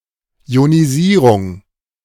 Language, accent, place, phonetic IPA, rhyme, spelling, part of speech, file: German, Germany, Berlin, [i̯oniˈziːʁʊŋ], -iːʁʊŋ, Ionisierung, noun, De-Ionisierung.ogg
- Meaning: ionization / ionisation